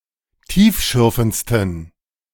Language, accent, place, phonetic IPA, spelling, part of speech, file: German, Germany, Berlin, [ˈtiːfˌʃʏʁfn̩t͡stən], tiefschürfendsten, adjective, De-tiefschürfendsten.ogg
- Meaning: 1. superlative degree of tiefschürfend 2. inflection of tiefschürfend: strong genitive masculine/neuter singular superlative degree